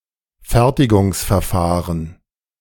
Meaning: manufacturing process / technique
- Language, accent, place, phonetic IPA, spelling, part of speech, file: German, Germany, Berlin, [ˈfɛʁtɪɡʊŋsfɛɐ̯ˌfaːʁən], Fertigungsverfahren, noun, De-Fertigungsverfahren.ogg